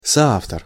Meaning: coauthor (male or female)
- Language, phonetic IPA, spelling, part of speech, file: Russian, [sɐˈaftər], соавтор, noun, Ru-соавтор.ogg